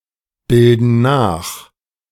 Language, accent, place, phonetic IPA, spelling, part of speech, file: German, Germany, Berlin, [ˌbɪldn̩ ˈnaːx], bilden nach, verb, De-bilden nach.ogg
- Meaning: inflection of nachbilden: 1. first/third-person plural present 2. first/third-person plural subjunctive I